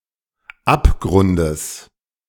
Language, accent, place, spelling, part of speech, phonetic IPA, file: German, Germany, Berlin, Abgrundes, noun, [ˈapˌɡʁʊndəs], De-Abgrundes.ogg
- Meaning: genitive singular of Abgrund